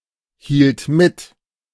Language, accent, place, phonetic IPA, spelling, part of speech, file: German, Germany, Berlin, [ˌhiːlt ˈmɪt], hielt mit, verb, De-hielt mit.ogg
- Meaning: first/third-person singular preterite of mithalten